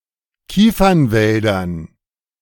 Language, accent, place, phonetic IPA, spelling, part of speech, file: German, Germany, Berlin, [ˈkiːfɐnˌvɛldɐn], Kiefernwäldern, noun, De-Kiefernwäldern.ogg
- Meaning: dative plural of Kiefernwald